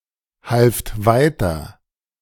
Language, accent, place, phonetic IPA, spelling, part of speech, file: German, Germany, Berlin, [ˌhalft ˈvaɪ̯tɐ], halft weiter, verb, De-halft weiter.ogg
- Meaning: second-person plural preterite of weiterhelfen